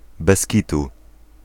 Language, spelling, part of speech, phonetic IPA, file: Polish, bez kitu, adverbial phrase / interjection, [bɛsʲ‿ˈcitu], Pl-bez kitu.ogg